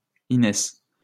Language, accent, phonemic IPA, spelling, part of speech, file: French, France, /i.nɛs/, Inès, proper noun, LL-Q150 (fra)-Inès.wav
- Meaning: a female given name from Spanish or Ancient Greek